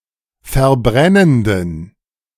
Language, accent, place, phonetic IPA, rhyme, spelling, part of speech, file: German, Germany, Berlin, [fɛɐ̯ˈbʁɛnəndn̩], -ɛnəndn̩, verbrennenden, adjective, De-verbrennenden.ogg
- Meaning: inflection of verbrennend: 1. strong genitive masculine/neuter singular 2. weak/mixed genitive/dative all-gender singular 3. strong/weak/mixed accusative masculine singular 4. strong dative plural